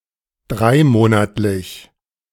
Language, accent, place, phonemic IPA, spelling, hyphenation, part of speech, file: German, Germany, Berlin, /ˈdʁaɪ̯ˌmoːnatlɪç/, dreimonatlich, drei‧mo‧nat‧lich, adjective, De-dreimonatlich.ogg
- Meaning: three-monthly, quarterly, (once every three months)